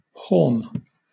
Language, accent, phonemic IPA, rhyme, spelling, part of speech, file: English, Southern England, /hɔːm/, -ɔːm, halm, noun, LL-Q1860 (eng)-halm.wav
- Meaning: Alternative spelling of haulm